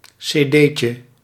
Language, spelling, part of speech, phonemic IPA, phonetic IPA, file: Dutch, cd'tje, noun, /seːˈdeː.tjə/, [seɪˈdeɪ.tʃə], Nl-cd'tje.ogg
- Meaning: diminutive of cd